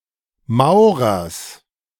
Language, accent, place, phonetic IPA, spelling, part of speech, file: German, Germany, Berlin, [ˈmaʊ̯ʁɐs], Maurers, noun, De-Maurers.ogg
- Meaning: genitive singular of Maurer